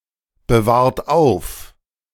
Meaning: inflection of aufbewahren: 1. second-person plural present 2. third-person singular present 3. plural imperative
- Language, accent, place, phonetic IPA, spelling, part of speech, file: German, Germany, Berlin, [bəˌvaːɐ̯t ˈaʊ̯f], bewahrt auf, verb, De-bewahrt auf.ogg